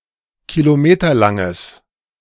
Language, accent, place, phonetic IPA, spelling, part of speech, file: German, Germany, Berlin, [kiloˈmeːtɐlaŋəs], kilometerlanges, adjective, De-kilometerlanges.ogg
- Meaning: strong/mixed nominative/accusative neuter singular of kilometerlang